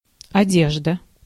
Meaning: 1. clothes, clothing, garments 2. surfacing, top dressing
- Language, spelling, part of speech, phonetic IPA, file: Russian, одежда, noun, [ɐˈdʲeʐdə], Ru-одежда.ogg